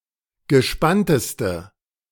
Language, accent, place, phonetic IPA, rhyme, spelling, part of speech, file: German, Germany, Berlin, [ɡəˈʃpantəstə], -antəstə, gespannteste, adjective, De-gespannteste.ogg
- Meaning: inflection of gespannt: 1. strong/mixed nominative/accusative feminine singular superlative degree 2. strong nominative/accusative plural superlative degree